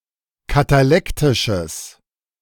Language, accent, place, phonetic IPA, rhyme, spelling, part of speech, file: German, Germany, Berlin, [kataˈlɛktɪʃəs], -ɛktɪʃəs, katalektisches, adjective, De-katalektisches.ogg
- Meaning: strong/mixed nominative/accusative neuter singular of katalektisch